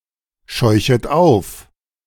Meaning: second-person plural subjunctive I of aufscheuchen
- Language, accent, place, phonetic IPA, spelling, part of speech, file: German, Germany, Berlin, [ˌʃɔɪ̯çət ˈaʊ̯f], scheuchet auf, verb, De-scheuchet auf.ogg